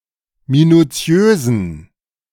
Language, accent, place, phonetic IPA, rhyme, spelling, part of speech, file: German, Germany, Berlin, [minuˈt͡si̯øːzn̩], -øːzn̩, minuziösen, adjective, De-minuziösen.ogg
- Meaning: inflection of minuziös: 1. strong genitive masculine/neuter singular 2. weak/mixed genitive/dative all-gender singular 3. strong/weak/mixed accusative masculine singular 4. strong dative plural